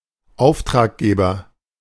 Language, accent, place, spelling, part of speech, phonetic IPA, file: German, Germany, Berlin, Auftraggeber, noun, [ˈaʊ̯ftʁaːkˌɡeːbɐ], De-Auftraggeber.ogg
- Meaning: 1. principal 2. employer 3. client, customer